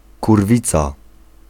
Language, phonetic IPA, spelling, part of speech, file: Polish, [kurˈvʲit͡sa], kurwica, noun, Pl-kurwica.ogg